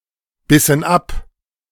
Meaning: inflection of abbeißen: 1. first/third-person plural preterite 2. first/third-person plural subjunctive II
- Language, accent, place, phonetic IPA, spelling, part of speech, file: German, Germany, Berlin, [ˌbɪsn̩ ˈap], bissen ab, verb, De-bissen ab.ogg